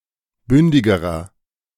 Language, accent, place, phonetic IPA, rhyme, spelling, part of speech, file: German, Germany, Berlin, [ˈbʏndɪɡəʁɐ], -ʏndɪɡəʁɐ, bündigerer, adjective, De-bündigerer.ogg
- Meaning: inflection of bündig: 1. strong/mixed nominative masculine singular comparative degree 2. strong genitive/dative feminine singular comparative degree 3. strong genitive plural comparative degree